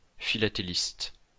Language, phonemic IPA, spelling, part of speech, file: French, /fi.la.te.list/, philatéliste, noun, LL-Q150 (fra)-philatéliste.wav
- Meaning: philatelist